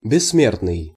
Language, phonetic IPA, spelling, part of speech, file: Russian, [bʲɪsːˈmʲertnɨj], бессмертный, adjective, Ru-бессмертный.ogg
- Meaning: immortal